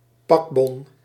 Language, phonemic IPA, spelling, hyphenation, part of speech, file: Dutch, /ˈpɑk.bɔn/, pakbon, pak‧bon, noun, Nl-pakbon.ogg
- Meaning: packing slip, packing list